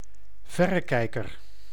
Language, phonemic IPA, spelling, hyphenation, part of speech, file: Dutch, /ˈvɛ.rəˌkɛi̯.kər/, verrekijker, ver‧re‧kij‧ker, noun, Nl-verrekijker.ogg
- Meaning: 1. pair of binoculars 2. spyglass (especially one not used for astronomy)